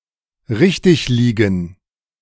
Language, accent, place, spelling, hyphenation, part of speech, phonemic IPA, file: German, Germany, Berlin, richtigliegen, rich‧tig‧lie‧gen, verb, /ˈʁɪçtɪçˌliːɡn̩/, De-richtigliegen.ogg
- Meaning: 1. to be right 2. to act correctly